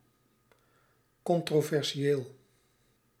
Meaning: controversial
- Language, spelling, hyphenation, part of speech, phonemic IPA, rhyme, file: Dutch, controversieel, con‧tro‧ver‧si‧eel, adjective, /ˌkɔn.troː.vɛrˈʒeːl/, -eːl, Nl-controversieel.ogg